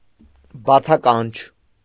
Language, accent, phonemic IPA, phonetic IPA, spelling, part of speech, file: Armenian, Eastern Armenian, /bɑt͡sʰɑˈkɑnt͡ʃʰ/, [bɑt͡sʰɑkɑ́nt͡ʃʰ], բացականչ, noun, Hy-բացականչ.ogg
- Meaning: synonym of բացականչություն (bacʻakančʻutʻyun)